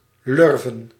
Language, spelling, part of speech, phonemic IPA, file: Dutch, lurven, noun, /ˈlʏrvə(n)/, Nl-lurven.ogg
- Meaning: 1. plural of lurf 2. only used in bij de lurven pakken